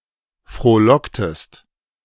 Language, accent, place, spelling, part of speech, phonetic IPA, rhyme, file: German, Germany, Berlin, frohlocktest, verb, [fʁoːˈlɔktəst], -ɔktəst, De-frohlocktest.ogg
- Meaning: inflection of frohlocken: 1. second-person singular preterite 2. second-person singular subjunctive II